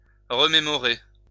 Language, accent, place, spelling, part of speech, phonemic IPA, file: French, France, Lyon, remémorer, verb, /ʁə.me.mɔ.ʁe/, LL-Q150 (fra)-remémorer.wav
- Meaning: 1. to memorize 2. to remember